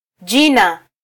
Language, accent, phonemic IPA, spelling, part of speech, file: Swahili, Kenya, /ˈʄi.nɑ/, jina, noun, Sw-ke-jina.flac
- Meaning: 1. name 2. noun